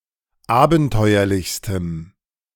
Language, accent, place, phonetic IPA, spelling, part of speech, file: German, Germany, Berlin, [ˈaːbn̩ˌtɔɪ̯ɐlɪçstəm], abenteuerlichstem, adjective, De-abenteuerlichstem.ogg
- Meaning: strong dative masculine/neuter singular superlative degree of abenteuerlich